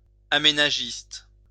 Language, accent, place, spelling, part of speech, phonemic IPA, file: French, France, Lyon, aménagiste, noun / adjective, /a.me.na.ʒist/, LL-Q150 (fra)-aménagiste.wav
- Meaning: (noun) developer; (adjective) developmental